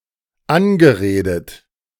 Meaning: past participle of anreden
- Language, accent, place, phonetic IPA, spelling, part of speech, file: German, Germany, Berlin, [ˈanɡəˌʁeːdət], angeredet, verb, De-angeredet.ogg